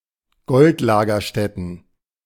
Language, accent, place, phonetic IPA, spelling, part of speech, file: German, Germany, Berlin, [ˈɡɔltˌlaːɡɐʃtɛtn̩], Goldlagerstätten, noun, De-Goldlagerstätten.ogg
- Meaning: plural of Goldlagerstätte